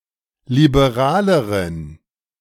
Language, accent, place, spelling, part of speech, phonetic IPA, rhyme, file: German, Germany, Berlin, liberaleren, adjective, [libeˈʁaːləʁən], -aːləʁən, De-liberaleren.ogg
- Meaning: inflection of liberal: 1. strong genitive masculine/neuter singular comparative degree 2. weak/mixed genitive/dative all-gender singular comparative degree